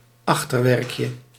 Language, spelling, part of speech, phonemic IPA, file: Dutch, achterwerkje, noun, /ˈɑxtərwɛrkjə/, Nl-achterwerkje.ogg
- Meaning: diminutive of achterwerk